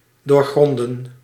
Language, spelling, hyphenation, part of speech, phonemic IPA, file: Dutch, doorgronden, door‧gron‧den, verb, /doːrˈɣrɔndə(n)/, Nl-doorgronden.ogg
- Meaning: to see through, to comprehend, to unravel (mysteries)